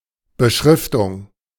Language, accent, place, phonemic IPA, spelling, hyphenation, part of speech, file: German, Germany, Berlin, /bəˈʃʁɪftʊŋ/, Beschriftung, Be‧schrif‧tung, noun, De-Beschriftung.ogg
- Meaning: 1. label 2. caption